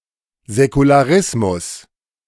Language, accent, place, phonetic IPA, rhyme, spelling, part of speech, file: German, Germany, Berlin, [zɛkulaˈʁɪsmʊs], -ɪsmʊs, Säkularismus, noun, De-Säkularismus.ogg
- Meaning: secularism